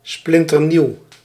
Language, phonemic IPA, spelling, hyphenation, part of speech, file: Dutch, /ˌsplɪn.tərˈniu̯/, splinternieuw, splin‧ter‧nieuw, adjective, Nl-splinternieuw.ogg
- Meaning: brand new